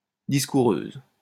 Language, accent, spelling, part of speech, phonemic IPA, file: French, France, discoureuse, noun, /dis.ku.ʁøz/, LL-Q150 (fra)-discoureuse.wav
- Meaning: female equivalent of discoureur